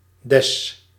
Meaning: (noun) 1. D-flat 2. DES (diethylstilbestrol); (article) genitive singular masculine/neuter of de (“the”); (determiner) genitive singular of dat (“that”)
- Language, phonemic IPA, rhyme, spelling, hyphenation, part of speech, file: Dutch, /dɛs/, -ɛs, des, des, noun / article / determiner / conjunction, Nl-des.ogg